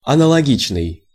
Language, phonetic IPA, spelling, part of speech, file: Russian, [ɐnəɫɐˈɡʲit͡ɕnɨj], аналогичный, adjective, Ru-аналогичный.ogg
- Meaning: analogous, similar